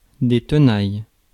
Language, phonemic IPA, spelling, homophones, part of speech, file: French, /tə.naj/, tenailles, tenaille / tenaillent / Thenaille / Thenailles, noun / verb, Fr-tenailles.ogg
- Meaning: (noun) plural of tenaille; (verb) second-person singular present indicative/subjunctive of tenailler